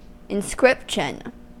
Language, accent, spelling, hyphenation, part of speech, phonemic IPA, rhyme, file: English, US, inscription, in‧scrip‧tion, noun, /ɪnˈskɹɪpʃən/, -ɪpʃən, En-us-inscription.ogg
- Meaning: 1. The act of inscribing 2. Text carved on a wall or plaque, such as a memorial or gravestone, or on some other item 3. The text on a coin 4. Words written in the front of a book as a dedication